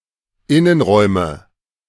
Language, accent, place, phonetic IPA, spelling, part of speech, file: German, Germany, Berlin, [ˈɪnənˌʁɔɪ̯mə], Innenräume, noun, De-Innenräume.ogg
- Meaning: nominative/accusative/genitive plural of Innenraum